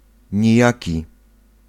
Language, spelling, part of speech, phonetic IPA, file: Polish, nijaki, adjective, [ɲiˈjäci], Pl-nijaki.ogg